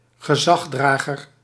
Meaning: alternative spelling of gezagsdrager
- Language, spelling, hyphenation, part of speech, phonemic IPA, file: Dutch, gezagdrager, ge‧zag‧dra‧ger, noun, /ɣəˈzɑɣdraɣər/, Nl-gezagdrager.ogg